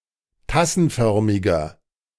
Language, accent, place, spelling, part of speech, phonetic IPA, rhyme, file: German, Germany, Berlin, tassenförmiger, adjective, [ˈtasn̩ˌfœʁmɪɡɐ], -asn̩fœʁmɪɡɐ, De-tassenförmiger.ogg
- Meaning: inflection of tassenförmig: 1. strong/mixed nominative masculine singular 2. strong genitive/dative feminine singular 3. strong genitive plural